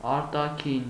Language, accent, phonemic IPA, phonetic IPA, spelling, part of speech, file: Armenian, Eastern Armenian, /ɑɾtɑˈkʰin/, [ɑɾtɑkʰín], արտաքին, adjective / noun, Hy-արտաքին.ogg
- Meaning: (adjective) 1. outward, external, outer 2. foreign; external; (noun) appearance; look